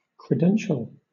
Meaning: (adjective) Pertaining to or serving as an introduction or recommendation (to someone); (noun) documentary or electronic evidence that a person has certain status or privileges
- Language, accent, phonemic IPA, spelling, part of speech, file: English, Southern England, /kɹɪˈdɛnʃəl/, credential, adjective / noun / verb, LL-Q1860 (eng)-credential.wav